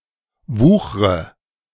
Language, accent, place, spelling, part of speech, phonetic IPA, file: German, Germany, Berlin, wuchre, verb, [ˈvuːxʁə], De-wuchre.ogg
- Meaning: inflection of wuchern: 1. first-person singular present 2. first/third-person singular subjunctive I 3. singular imperative